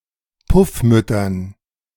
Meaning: dative plural of Puffmutter
- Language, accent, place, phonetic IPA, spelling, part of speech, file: German, Germany, Berlin, [ˈpʊfˌmʏtɐn], Puffmüttern, noun, De-Puffmüttern.ogg